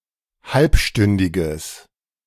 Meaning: strong/mixed nominative/accusative neuter singular of halbstündig
- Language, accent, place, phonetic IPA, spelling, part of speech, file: German, Germany, Berlin, [ˈhalpˌʃtʏndɪɡəs], halbstündiges, adjective, De-halbstündiges.ogg